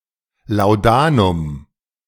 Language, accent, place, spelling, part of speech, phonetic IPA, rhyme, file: German, Germany, Berlin, Laudanum, noun, [laʊ̯ˈdaːnʊm], -aːnʊm, De-Laudanum.ogg
- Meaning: laudanum